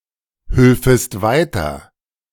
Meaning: second-person singular subjunctive II of weiterhelfen
- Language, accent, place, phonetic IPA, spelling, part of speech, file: German, Germany, Berlin, [ˌhʏlfəst ˈvaɪ̯tɐ], hülfest weiter, verb, De-hülfest weiter.ogg